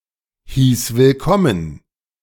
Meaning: first/third-person singular preterite of willkommen heißen
- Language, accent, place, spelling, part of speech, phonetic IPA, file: German, Germany, Berlin, hieß willkommen, verb, [hiːs vɪlˈkɔmən], De-hieß willkommen.ogg